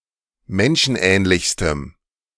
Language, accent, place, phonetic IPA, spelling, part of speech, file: German, Germany, Berlin, [ˈmɛnʃn̩ˌʔɛːnlɪçstəm], menschenähnlichstem, adjective, De-menschenähnlichstem.ogg
- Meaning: strong dative masculine/neuter singular superlative degree of menschenähnlich